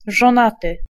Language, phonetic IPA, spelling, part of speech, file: Polish, [ʒɔ̃ˈnatɨ], żonaty, adjective / noun, Pl-żonaty.ogg